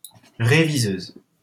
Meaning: female equivalent of réviseur
- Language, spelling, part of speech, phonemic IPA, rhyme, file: French, réviseuse, noun, /ʁe.vi.zøz/, -øz, LL-Q150 (fra)-réviseuse.wav